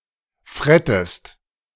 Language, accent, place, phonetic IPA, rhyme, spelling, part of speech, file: German, Germany, Berlin, [ˈfʁɛtəst], -ɛtəst, frettest, verb, De-frettest.ogg
- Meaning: inflection of fretten: 1. second-person singular present 2. second-person singular subjunctive I